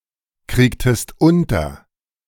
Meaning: inflection of unterkriegen: 1. second-person singular preterite 2. second-person singular subjunctive II
- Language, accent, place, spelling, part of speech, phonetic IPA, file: German, Germany, Berlin, kriegtest unter, verb, [ˌkʁiːktəst ˈʊntɐ], De-kriegtest unter.ogg